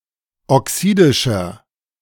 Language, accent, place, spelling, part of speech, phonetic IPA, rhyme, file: German, Germany, Berlin, oxidischer, adjective, [ɔˈksiːdɪʃɐ], -iːdɪʃɐ, De-oxidischer.ogg
- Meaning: inflection of oxidisch: 1. strong/mixed nominative masculine singular 2. strong genitive/dative feminine singular 3. strong genitive plural